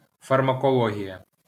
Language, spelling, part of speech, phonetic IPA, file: Ukrainian, фармакологія, noun, [fɐrmɐkɔˈɫɔɦʲijɐ], LL-Q8798 (ukr)-фармакологія.wav
- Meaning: pharmacology